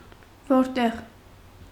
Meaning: where
- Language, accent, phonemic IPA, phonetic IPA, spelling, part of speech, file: Armenian, Eastern Armenian, /voɾˈteʁ/, [voɾtéʁ], որտեղ, pronoun, Hy-որտեղ.ogg